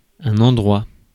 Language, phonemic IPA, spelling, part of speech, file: French, /ɑ̃.dʁwa/, endroit, noun, Fr-endroit.ogg
- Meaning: place, spot (specified area)